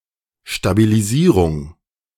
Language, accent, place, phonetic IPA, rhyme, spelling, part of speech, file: German, Germany, Berlin, [ʃtabiliˈziːʁʊŋ], -iːʁʊŋ, Stabilisierung, noun, De-Stabilisierung.ogg
- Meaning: stabilization